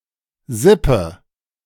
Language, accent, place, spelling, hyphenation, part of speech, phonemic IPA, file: German, Germany, Berlin, Sippe, Sip‧pe, noun, /ˈzɪpə/, De-Sippe.ogg
- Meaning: 1. clan, kin, (small, tight-knit) tribe 2. family, relatives (especially extended or generally of large size)